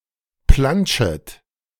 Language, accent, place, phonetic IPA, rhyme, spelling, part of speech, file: German, Germany, Berlin, [ˈplant͡ʃət], -ant͡ʃət, plantschet, verb, De-plantschet.ogg
- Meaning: second-person plural subjunctive I of plantschen